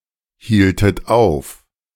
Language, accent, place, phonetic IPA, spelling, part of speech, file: German, Germany, Berlin, [ˌhiːltət ˈaʊ̯f], hieltet auf, verb, De-hieltet auf.ogg
- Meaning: inflection of aufhalten: 1. second-person plural preterite 2. second-person plural subjunctive II